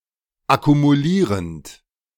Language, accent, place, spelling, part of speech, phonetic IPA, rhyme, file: German, Germany, Berlin, akkumulierend, verb, [akumuˈliːʁənt], -iːʁənt, De-akkumulierend.ogg
- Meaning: present participle of akkumulieren